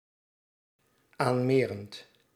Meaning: present participle of aanmeren
- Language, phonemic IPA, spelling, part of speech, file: Dutch, /ˈanmerənt/, aanmerend, verb, Nl-aanmerend.ogg